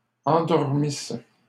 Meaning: first-person singular imperfect subjunctive of endormir
- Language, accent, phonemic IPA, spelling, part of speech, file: French, Canada, /ɑ̃.dɔʁ.mis/, endormisse, verb, LL-Q150 (fra)-endormisse.wav